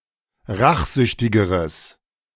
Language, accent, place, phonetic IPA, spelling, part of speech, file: German, Germany, Berlin, [ˈʁaxˌzʏçtɪɡəʁəs], rachsüchtigeres, adjective, De-rachsüchtigeres.ogg
- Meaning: strong/mixed nominative/accusative neuter singular comparative degree of rachsüchtig